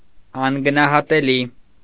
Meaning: invaluable, priceless, inestimable
- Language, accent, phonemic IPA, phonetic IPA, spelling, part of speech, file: Armenian, Eastern Armenian, /ɑnɡənɑhɑteˈli/, [ɑŋɡənɑhɑtelí], անգնահատելի, adjective, Hy-անգնահատելի.ogg